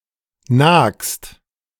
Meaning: second-person singular present of nagen
- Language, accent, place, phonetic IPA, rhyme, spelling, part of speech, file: German, Germany, Berlin, [naːkst], -aːkst, nagst, verb, De-nagst.ogg